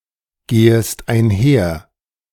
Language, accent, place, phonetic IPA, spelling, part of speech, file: German, Germany, Berlin, [ˌɡeːəst aɪ̯nˈhɛɐ̯], gehest einher, verb, De-gehest einher.ogg
- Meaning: second-person singular subjunctive I of einhergehen